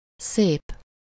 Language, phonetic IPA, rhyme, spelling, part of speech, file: Hungarian, [ˈseːp], -eːp, szép, adjective, Hu-szép.ogg
- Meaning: 1. beautiful 2. great-great-great-grand- (the grandparent of one's great-grandparent or the grandchild of one's great-grandchild)